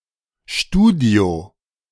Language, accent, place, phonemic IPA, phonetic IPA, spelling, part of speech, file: German, Germany, Berlin, /ˈʃtuːdio(ː)/, [ˈʃtuːdi̯o], Studio, noun, De-Studio.ogg
- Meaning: studio